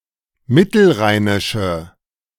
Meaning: inflection of mittelrheinisch: 1. strong/mixed nominative/accusative feminine singular 2. strong nominative/accusative plural 3. weak nominative all-gender singular
- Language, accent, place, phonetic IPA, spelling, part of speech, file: German, Germany, Berlin, [ˈmɪtl̩ˌʁaɪ̯nɪʃə], mittelrheinische, adjective, De-mittelrheinische.ogg